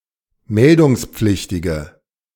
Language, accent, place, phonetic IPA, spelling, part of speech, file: German, Germany, Berlin, [ˈmɛldʊŋsp͡flɪçtɪɡə], meldungspflichtige, adjective, De-meldungspflichtige.ogg
- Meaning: inflection of meldungspflichtig: 1. strong/mixed nominative/accusative feminine singular 2. strong nominative/accusative plural 3. weak nominative all-gender singular